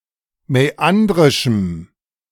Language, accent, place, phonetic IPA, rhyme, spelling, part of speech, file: German, Germany, Berlin, [mɛˈandʁɪʃm̩], -andʁɪʃm̩, mäandrischem, adjective, De-mäandrischem.ogg
- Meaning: strong dative masculine/neuter singular of mäandrisch